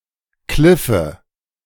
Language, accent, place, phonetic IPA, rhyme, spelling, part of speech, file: German, Germany, Berlin, [ˈklɪfə], -ɪfə, Kliffe, noun, De-Kliffe.ogg
- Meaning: nominative/accusative/genitive plural of Kliff